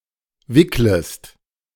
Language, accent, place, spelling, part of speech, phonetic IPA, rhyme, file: German, Germany, Berlin, wicklest, verb, [ˈvɪkləst], -ɪkləst, De-wicklest.ogg
- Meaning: second-person singular subjunctive I of wickeln